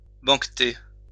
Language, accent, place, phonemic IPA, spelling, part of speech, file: French, France, Lyon, /bɑ̃k.te/, banqueter, verb, LL-Q150 (fra)-banqueter.wav
- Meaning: to banquet, feast